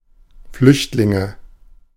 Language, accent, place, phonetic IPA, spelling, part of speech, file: German, Germany, Berlin, [ˈflʏçtlɪŋə], Flüchtlinge, noun, De-Flüchtlinge.ogg
- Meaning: nominative/accusative/genitive plural of Flüchtling